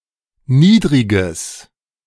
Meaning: strong/mixed nominative/accusative neuter singular of niedrig
- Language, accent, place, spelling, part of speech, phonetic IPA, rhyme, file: German, Germany, Berlin, niedriges, adjective, [ˈniːdʁɪɡəs], -iːdʁɪɡəs, De-niedriges.ogg